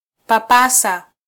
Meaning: 1. to stroke, touch, pat, caress 2. to grope
- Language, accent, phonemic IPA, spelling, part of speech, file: Swahili, Kenya, /pɑˈpɑ.sɑ/, papasa, verb, Sw-ke-papasa.flac